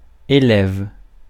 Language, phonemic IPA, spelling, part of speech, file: French, /e.lɛv/, élève, noun / verb, Fr-élève.ogg
- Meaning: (noun) 1. schoolboy, pupil, student 2. schoolchild, pupil, student 3. schoolgirl, pupil, student; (verb) inflection of élever: first/third-person singular present indicative/subjunctive